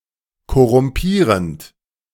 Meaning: present participle of korrumpieren
- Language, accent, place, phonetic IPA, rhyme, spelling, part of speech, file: German, Germany, Berlin, [kɔʁʊmˈpiːʁənt], -iːʁənt, korrumpierend, verb, De-korrumpierend.ogg